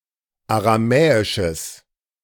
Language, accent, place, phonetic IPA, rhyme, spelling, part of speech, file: German, Germany, Berlin, [aʁaˈmɛːɪʃəs], -ɛːɪʃəs, aramäisches, adjective, De-aramäisches.ogg
- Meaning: strong/mixed nominative/accusative neuter singular of aramäisch